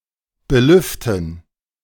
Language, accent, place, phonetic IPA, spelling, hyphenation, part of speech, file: German, Germany, Berlin, [bəˈlʏftən], belüften, be‧lüf‧ten, verb, De-belüften.ogg
- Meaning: 1. to ventilate 2. to fan 3. to air